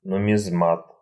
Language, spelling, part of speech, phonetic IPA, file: Russian, нумизмат, noun, [nʊmʲɪzˈmat], Ru-нумизмат.ogg
- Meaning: numismatist